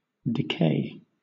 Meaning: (noun) 1. Rot; any processes or result of organic matter being gradually decomposed, especially by microbial action 2. Deterioration of condition; loss of status, quality, strength, or fortune
- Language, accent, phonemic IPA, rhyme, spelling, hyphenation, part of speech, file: English, Southern England, /dɪˈkeɪ/, -eɪ, decay, de‧cay, noun / verb, LL-Q1860 (eng)-decay.wav